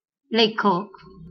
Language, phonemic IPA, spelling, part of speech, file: Marathi, /le.kʰək/, लेखक, noun, LL-Q1571 (mar)-लेखक.wav
- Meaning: writer